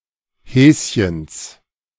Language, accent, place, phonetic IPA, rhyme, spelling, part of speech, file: German, Germany, Berlin, [ˈhɛːsçəns], -ɛːsçəns, Häschens, noun, De-Häschens.ogg
- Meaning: genitive singular of Häschen